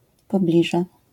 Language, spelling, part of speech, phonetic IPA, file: Polish, pobliże, noun, [pɔˈblʲiʒɛ], LL-Q809 (pol)-pobliże.wav